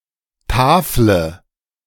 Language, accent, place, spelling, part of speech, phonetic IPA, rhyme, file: German, Germany, Berlin, tafle, verb, [ˈtaːflə], -aːflə, De-tafle.ogg
- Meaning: inflection of tafeln: 1. first-person singular present 2. first/third-person singular subjunctive I 3. singular imperative